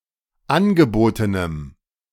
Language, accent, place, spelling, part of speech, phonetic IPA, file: German, Germany, Berlin, angebotenem, adjective, [ˈanɡəˌboːtənəm], De-angebotenem.ogg
- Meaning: strong dative masculine/neuter singular of angeboten